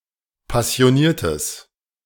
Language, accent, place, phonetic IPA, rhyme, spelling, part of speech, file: German, Germany, Berlin, [pasi̯oˈniːɐ̯təs], -iːɐ̯təs, passioniertes, adjective, De-passioniertes.ogg
- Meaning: strong/mixed nominative/accusative neuter singular of passioniert